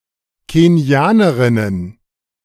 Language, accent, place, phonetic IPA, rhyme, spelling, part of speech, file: German, Germany, Berlin, [keˈni̯aːnəʁɪnən], -aːnəʁɪnən, Kenianerinnen, noun, De-Kenianerinnen.ogg
- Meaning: plural of Kenianerin